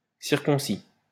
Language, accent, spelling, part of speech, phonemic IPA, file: French, France, circoncis, verb, /siʁ.kɔ̃.si/, LL-Q150 (fra)-circoncis.wav
- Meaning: 1. past participle of circoncire 2. inflection of circoncire: first/third-person singular present indicative/subjunctive 3. inflection of circoncire: second-person singular imperative